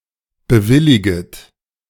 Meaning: second-person plural subjunctive I of bewilligen
- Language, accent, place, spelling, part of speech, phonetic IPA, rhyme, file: German, Germany, Berlin, bewilliget, verb, [bəˈvɪlɪɡət], -ɪlɪɡət, De-bewilliget.ogg